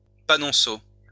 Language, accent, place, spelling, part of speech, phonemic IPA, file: French, France, Lyon, panonceau, noun, /pa.nɔ̃.so/, LL-Q150 (fra)-panonceau.wav
- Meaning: 1. plaque (small sign) 2. escutcheon